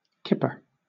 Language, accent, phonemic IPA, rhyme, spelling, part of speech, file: English, Southern England, /ˈkɪpə(ɹ)/, -ɪpə(ɹ), kipper, noun / verb / adjective, LL-Q1860 (eng)-kipper.wav
- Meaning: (noun) 1. A split, salted and smoked herring or salmon 2. A male salmon after spawning 3. A patrol to protect fishing boats in the Irish and North Seas against attack from the air 4. A torpedo